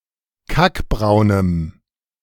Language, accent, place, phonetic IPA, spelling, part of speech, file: German, Germany, Berlin, [ˈkakˌbʁaʊ̯nəm], kackbraunem, adjective, De-kackbraunem.ogg
- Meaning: strong dative masculine/neuter singular of kackbraun